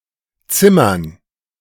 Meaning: 1. dative plural of Zimmer 2. gerund of zimmern
- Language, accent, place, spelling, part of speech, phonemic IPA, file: German, Germany, Berlin, Zimmern, noun, /ˈtsɪmɐn/, De-Zimmern.ogg